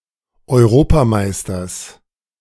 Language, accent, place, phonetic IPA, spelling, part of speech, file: German, Germany, Berlin, [ɔɪ̯ˈʁoːpaˌmaɪ̯stɐs], Europameisters, noun, De-Europameisters.ogg
- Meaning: genitive singular of Europameister